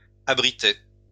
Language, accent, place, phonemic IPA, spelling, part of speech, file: French, France, Lyon, /a.bʁi.tɛ/, abritait, verb, LL-Q150 (fra)-abritait.wav
- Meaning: third-person singular imperfect indicative of abriter